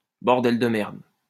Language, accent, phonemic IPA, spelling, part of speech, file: French, France, /bɔʁ.dɛl də mɛʁd/, bordel de merde, interjection, LL-Q150 (fra)-bordel de merde.wav
- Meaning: fucking hell